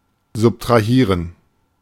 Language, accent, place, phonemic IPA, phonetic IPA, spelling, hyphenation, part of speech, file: German, Germany, Berlin, /zʊptʁaˈhiːʁən/, [zʊptʁaˈhiːɐ̯n], subtrahieren, sub‧tra‧hie‧ren, verb, De-subtrahieren.ogg
- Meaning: to subtract